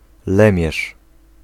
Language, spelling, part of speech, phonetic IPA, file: Polish, lemiesz, noun, [ˈlɛ̃mʲjɛʃ], Pl-lemiesz.ogg